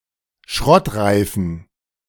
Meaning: inflection of schrottreif: 1. strong genitive masculine/neuter singular 2. weak/mixed genitive/dative all-gender singular 3. strong/weak/mixed accusative masculine singular 4. strong dative plural
- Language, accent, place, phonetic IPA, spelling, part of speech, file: German, Germany, Berlin, [ˈʃʁɔtˌʁaɪ̯fn̩], schrottreifen, adjective, De-schrottreifen.ogg